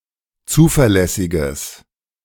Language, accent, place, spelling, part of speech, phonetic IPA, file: German, Germany, Berlin, zuverlässiges, adjective, [ˈt͡suːfɛɐ̯ˌlɛsɪɡəs], De-zuverlässiges.ogg
- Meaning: strong/mixed nominative/accusative neuter singular of zuverlässig